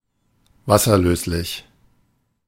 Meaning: water-soluble
- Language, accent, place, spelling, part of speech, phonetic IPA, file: German, Germany, Berlin, wasserlöslich, adjective, [ˈvasɐˌløːslɪç], De-wasserlöslich.ogg